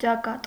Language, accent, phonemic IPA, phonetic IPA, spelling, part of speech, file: Armenian, Eastern Armenian, /t͡ʃɑˈkɑt/, [t͡ʃɑkɑ́t], ճակատ, noun, Hy-ճակատ.ogg
- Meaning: 1. forehead 2. facade 3. front, battlefront